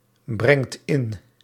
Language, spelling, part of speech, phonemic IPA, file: Dutch, brengt in, verb, /ˈbrɛŋt ˈɪn/, Nl-brengt in.ogg
- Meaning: inflection of inbrengen: 1. second/third-person singular present indicative 2. plural imperative